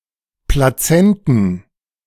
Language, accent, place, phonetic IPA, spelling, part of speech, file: German, Germany, Berlin, [plaˈt͡sɛntən], Plazenten, noun, De-Plazenten.ogg
- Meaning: plural of Plazenta